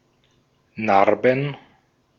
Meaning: plural of Narbe
- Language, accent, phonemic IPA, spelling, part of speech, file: German, Austria, /ˈnarbən/, Narben, noun, De-at-Narben.ogg